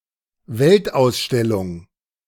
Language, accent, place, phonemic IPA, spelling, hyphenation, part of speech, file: German, Germany, Berlin, /ˈvɛltʔaʊ̯sˌʃtɛlʊŋ/, Weltausstellung, Welt‧aus‧stel‧lung, noun, De-Weltausstellung.ogg
- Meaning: World Exposition, World's fair, World Fair, Universal Exposition, Expo